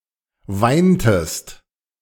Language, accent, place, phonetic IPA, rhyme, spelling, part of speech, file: German, Germany, Berlin, [ˈvaɪ̯ntəst], -aɪ̯ntəst, weintest, verb, De-weintest.ogg
- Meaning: inflection of weinen: 1. second-person singular preterite 2. second-person singular subjunctive II